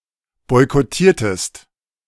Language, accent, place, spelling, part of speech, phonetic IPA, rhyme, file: German, Germany, Berlin, boykottiertest, verb, [ˌbɔɪ̯kɔˈtiːɐ̯təst], -iːɐ̯təst, De-boykottiertest.ogg
- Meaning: inflection of boykottieren: 1. second-person singular preterite 2. second-person singular subjunctive II